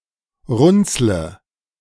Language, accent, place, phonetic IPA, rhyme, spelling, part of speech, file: German, Germany, Berlin, [ˈʁʊnt͡slə], -ʊnt͡slə, runzle, verb, De-runzle.ogg
- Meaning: inflection of runzeln: 1. first-person singular present 2. first/third-person singular subjunctive I 3. singular imperative